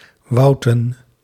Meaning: plural of wout
- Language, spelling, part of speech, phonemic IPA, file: Dutch, wouten, noun, /ˈwɑutə(n)/, Nl-wouten.ogg